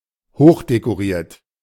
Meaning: highly-decorated
- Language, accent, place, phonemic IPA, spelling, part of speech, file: German, Germany, Berlin, /ˈhoːχdekoˌʁiːɐ̯/, hochdekoriert, adjective, De-hochdekoriert.ogg